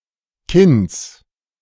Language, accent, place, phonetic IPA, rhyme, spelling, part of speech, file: German, Germany, Berlin, [kɪns], -ɪns, Kinns, noun, De-Kinns.ogg
- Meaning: genitive singular of Kinn